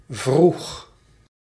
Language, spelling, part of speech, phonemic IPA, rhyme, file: Dutch, vroeg, adjective / verb, /vrux/, -ux, Nl-vroeg.ogg
- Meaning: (adjective) early; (verb) singular past indicative of vragen